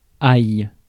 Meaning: 1. interjection expressing a sharp pain: ouch! 2. interjection expressing worry: dang!; oh dear
- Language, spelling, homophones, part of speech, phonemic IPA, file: French, aïe, aille / ailles / aillent / ail / ails / haïe, interjection, /aj/, Fr-aïe.ogg